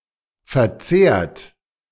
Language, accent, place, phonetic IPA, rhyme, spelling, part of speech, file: German, Germany, Berlin, [fɛɐ̯ˈt͡seːɐ̯t], -eːɐ̯t, verzehrt, verb, De-verzehrt.ogg
- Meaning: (verb) past participle of verzehren; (adjective) consumed; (verb) inflection of verzehren: 1. third-person singular present 2. second-person plural present 3. plural imperative